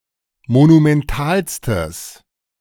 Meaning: strong/mixed nominative/accusative neuter singular superlative degree of monumental
- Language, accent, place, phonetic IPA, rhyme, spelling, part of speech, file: German, Germany, Berlin, [monumɛnˈtaːlstəs], -aːlstəs, monumentalstes, adjective, De-monumentalstes.ogg